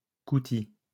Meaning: 1. drill 2. garment or other item made of this fabric
- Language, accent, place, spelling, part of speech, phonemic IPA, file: French, France, Lyon, coutil, noun, /ku.ti/, LL-Q150 (fra)-coutil.wav